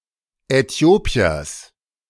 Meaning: genitive of Äthiopier
- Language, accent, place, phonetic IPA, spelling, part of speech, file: German, Germany, Berlin, [ɛˈti̯oːpi̯ɐs], Äthiopiers, noun, De-Äthiopiers.ogg